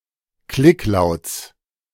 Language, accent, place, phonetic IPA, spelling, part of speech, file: German, Germany, Berlin, [ˈklɪkˌlaʊ̯t͡s], Klicklauts, noun, De-Klicklauts.ogg
- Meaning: genitive singular of Klicklaut